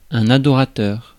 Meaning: worshipper
- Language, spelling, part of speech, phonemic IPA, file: French, adorateur, noun, /a.dɔ.ʁa.tœʁ/, Fr-adorateur.ogg